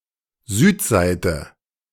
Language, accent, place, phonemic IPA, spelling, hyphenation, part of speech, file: German, Germany, Berlin, /ˈzyːtˌzaɪ̯tə/, Südseite, Süd‧seite, noun, De-Südseite.ogg
- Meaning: south side